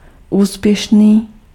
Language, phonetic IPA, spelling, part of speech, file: Czech, [ˈuːspjɛʃniː], úspěšný, adjective, Cs-úspěšný.ogg
- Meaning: successful